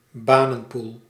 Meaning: a labour pool, chiefly intended to land unemployed people with jobs
- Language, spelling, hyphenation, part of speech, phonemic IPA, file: Dutch, banenpool, ba‧nen‧pool, noun, /ˈbaː.nə(n)ˌpuːl/, Nl-banenpool.ogg